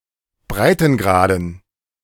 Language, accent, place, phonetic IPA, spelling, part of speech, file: German, Germany, Berlin, [ˈbʁaɪ̯tn̩ˌɡʁaːdn̩], Breitengraden, noun, De-Breitengraden.ogg
- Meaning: dative plural of Breitengrad